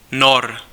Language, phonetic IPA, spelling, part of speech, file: Czech, [ˈnor], Nor, noun, Cs-Nor.ogg
- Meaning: Norwegian (native of Norway)